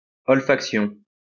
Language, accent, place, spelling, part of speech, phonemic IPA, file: French, France, Lyon, olfaction, noun, /ɔl.fak.sjɔ̃/, LL-Q150 (fra)-olfaction.wav
- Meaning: olfaction